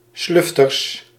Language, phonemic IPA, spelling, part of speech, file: Dutch, /ˈslʏftərs/, slufters, noun, Nl-slufters.ogg
- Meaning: plural of slufter